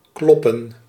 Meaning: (verb) 1. to knock or beat audibly 2. to defeat 3. to pulsate, like a heart 4. to be correct, to be true 5. to fit, work out, like a calculation; to make sense, to be true
- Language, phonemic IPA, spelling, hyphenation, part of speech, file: Dutch, /ˈklɔ.pə(n)/, kloppen, klop‧pen, verb / noun, Nl-kloppen.ogg